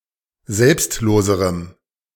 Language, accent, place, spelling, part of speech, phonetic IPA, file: German, Germany, Berlin, selbstloserem, adjective, [ˈzɛlpstˌloːzəʁəm], De-selbstloserem.ogg
- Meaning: strong dative masculine/neuter singular comparative degree of selbstlos